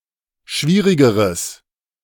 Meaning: strong/mixed nominative/accusative neuter singular comparative degree of schwierig
- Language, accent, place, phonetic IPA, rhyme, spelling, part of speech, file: German, Germany, Berlin, [ˈʃviːʁɪɡəʁəs], -iːʁɪɡəʁəs, schwierigeres, adjective, De-schwierigeres.ogg